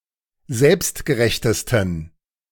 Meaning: 1. superlative degree of selbstgerecht 2. inflection of selbstgerecht: strong genitive masculine/neuter singular superlative degree
- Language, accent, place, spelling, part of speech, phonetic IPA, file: German, Germany, Berlin, selbstgerechtesten, adjective, [ˈzɛlpstɡəˌʁɛçtəstn̩], De-selbstgerechtesten.ogg